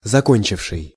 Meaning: past active perfective participle of зако́нчить (zakónčitʹ)
- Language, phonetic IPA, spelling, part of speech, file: Russian, [zɐˈkonʲt͡ɕɪfʂɨj], закончивший, verb, Ru-закончивший.ogg